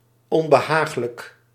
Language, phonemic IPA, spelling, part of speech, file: Dutch, /ˌɔmbəˈhaxlək/, onbehaaglijk, adjective, Nl-onbehaaglijk.ogg
- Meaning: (adjective) uncomfortable; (adverb) uncomfortably